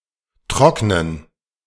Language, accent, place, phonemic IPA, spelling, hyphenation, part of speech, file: German, Germany, Berlin, /ˈtʁɔknən/, trocknen, trock‧nen, verb, De-trocknen.ogg
- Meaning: 1. to dry (to become dry, cease being wet) 2. to dry (to make dry or let become dry)